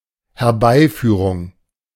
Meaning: induction (bringing about)
- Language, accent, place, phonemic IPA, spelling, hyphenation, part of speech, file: German, Germany, Berlin, /hɛɐ̯ˈbaɪ̯ˌfyːʁʊŋ/, Herbeiführung, Her‧bei‧füh‧rung, noun, De-Herbeiführung.ogg